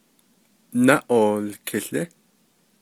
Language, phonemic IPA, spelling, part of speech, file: Navajo, /nɑ́ʔòːlkʰɪ̀ɬɪ́/, náʼoolkiłí, noun, Nv-náʼoolkiłí.ogg
- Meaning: 1. clock 2. timepiece